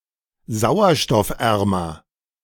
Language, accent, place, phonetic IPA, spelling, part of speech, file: German, Germany, Berlin, [ˈzaʊ̯ɐʃtɔfˌʔɛʁmɐ], sauerstoffärmer, adjective, De-sauerstoffärmer.ogg
- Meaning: comparative degree of sauerstoffarm